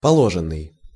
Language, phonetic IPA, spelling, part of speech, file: Russian, [pɐˈɫoʐɨn(ː)ɨj], положенный, verb / adjective, Ru-положенный.ogg
- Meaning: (verb) past passive perfective participle of положи́ть (položítʹ); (adjective) due